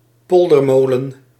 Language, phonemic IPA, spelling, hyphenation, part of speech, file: Dutch, /ˈpɔl.dərˌmoː.lə(n)/, poldermolen, pol‧der‧mo‧len, noun, Nl-poldermolen.ogg
- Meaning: polder windmill, used to pump water out of a polder